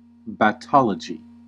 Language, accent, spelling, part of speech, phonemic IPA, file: English, US, battology, noun, /bæˈtɑː.lə.d͡ʒi/, En-us-battology.ogg
- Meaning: Continual unnecessary reiteration of the same words, phrases, or ideas